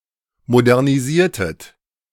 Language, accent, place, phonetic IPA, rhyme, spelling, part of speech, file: German, Germany, Berlin, [modɛʁniˈziːɐ̯tət], -iːɐ̯tət, modernisiertet, verb, De-modernisiertet.ogg
- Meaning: inflection of modernisieren: 1. second-person plural preterite 2. second-person plural subjunctive II